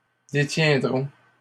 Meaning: third-person plural simple future of détenir
- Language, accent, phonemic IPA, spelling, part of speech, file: French, Canada, /de.tjɛ̃.dʁɔ̃/, détiendront, verb, LL-Q150 (fra)-détiendront.wav